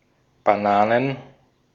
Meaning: plural of Banane "bananas"
- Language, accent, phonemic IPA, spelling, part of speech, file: German, Austria, /baˈnaːnən/, Bananen, noun, De-at-Bananen.ogg